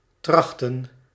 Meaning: to try, attempt
- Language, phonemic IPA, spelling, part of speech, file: Dutch, /ˈtrɑxtə(n)/, trachten, verb, Nl-trachten.ogg